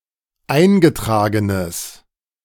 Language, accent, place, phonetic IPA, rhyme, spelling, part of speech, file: German, Germany, Berlin, [ˈaɪ̯nɡəˌtʁaːɡənəs], -aɪ̯nɡətʁaːɡənəs, eingetragenes, adjective, De-eingetragenes.ogg
- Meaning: strong/mixed nominative/accusative neuter singular of eingetragen